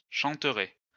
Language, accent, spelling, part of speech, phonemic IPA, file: French, France, chanteraient, verb, /ʃɑ̃.tʁɛ/, LL-Q150 (fra)-chanteraient.wav
- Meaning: third-person plural conditional of chanter